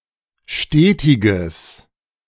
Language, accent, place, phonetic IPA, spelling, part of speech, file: German, Germany, Berlin, [ˈʃteːtɪɡəs], stetiges, adjective, De-stetiges.ogg
- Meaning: strong/mixed nominative/accusative neuter singular of stetig